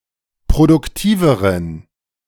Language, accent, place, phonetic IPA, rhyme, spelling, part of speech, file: German, Germany, Berlin, [pʁodʊkˈtiːvəʁən], -iːvəʁən, produktiveren, adjective, De-produktiveren.ogg
- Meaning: inflection of produktiv: 1. strong genitive masculine/neuter singular comparative degree 2. weak/mixed genitive/dative all-gender singular comparative degree